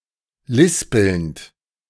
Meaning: present participle of lispeln
- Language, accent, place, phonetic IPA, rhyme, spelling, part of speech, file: German, Germany, Berlin, [ˈlɪspl̩nt], -ɪspl̩nt, lispelnd, verb, De-lispelnd.ogg